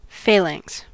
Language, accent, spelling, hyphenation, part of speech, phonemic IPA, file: English, US, phalanx, pha‧lanx, noun, /ˈfeɪˌlæŋks/, En-us-phalanx.ogg
- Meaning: An ancient Greek and Macedonian military unit that consisted of several ranks and files (lines) of soldiers in close array with joined shields and long spears